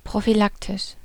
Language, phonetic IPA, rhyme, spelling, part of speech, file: German, [pʁofyˈlaktɪʃ], -aktɪʃ, prophylaktisch, adjective, De-prophylaktisch.ogg
- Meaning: prophylactic, preventive